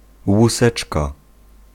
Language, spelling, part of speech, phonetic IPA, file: Polish, łuseczka, noun, [wuˈsɛt͡ʃka], Pl-łuseczka.ogg